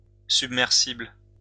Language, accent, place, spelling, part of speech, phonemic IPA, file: French, France, Lyon, submersible, adjective / noun, /syb.mɛʁ.sibl/, LL-Q150 (fra)-submersible.wav
- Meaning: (adjective) submersible; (noun) a submersible